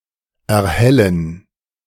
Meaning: to illuminate, to brighten
- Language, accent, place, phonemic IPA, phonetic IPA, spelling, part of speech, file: German, Germany, Berlin, /ʔɛɐ̯ˈhɛlən/, [ʔɛɐ̯ˈhɛln̩], erhellen, verb, De-erhellen.ogg